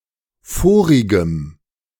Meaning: strong dative masculine/neuter singular of vorig
- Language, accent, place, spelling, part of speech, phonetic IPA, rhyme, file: German, Germany, Berlin, vorigem, adjective, [ˈfoːʁɪɡəm], -oːʁɪɡəm, De-vorigem.ogg